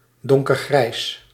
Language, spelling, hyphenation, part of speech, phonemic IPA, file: Dutch, donkergrijs, don‧ker‧grijs, adjective, /ˌdɔŋ.kərˈɣrɛi̯s/, Nl-donkergrijs.ogg
- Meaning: dark grey